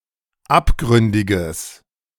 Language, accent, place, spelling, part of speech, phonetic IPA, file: German, Germany, Berlin, abgründiges, adjective, [ˈapˌɡʁʏndɪɡəs], De-abgründiges.ogg
- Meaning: strong/mixed nominative/accusative neuter singular of abgründig